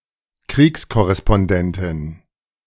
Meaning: female equivalent of Kriegskorrespondent
- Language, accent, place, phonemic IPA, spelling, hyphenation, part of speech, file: German, Germany, Berlin, /ˈkʁiːkskɔʁɛspɔnˈdɛntɪn/, Kriegskorrespondentin, Kriegs‧kor‧res‧pon‧den‧tin, noun, De-Kriegskorrespondentin.ogg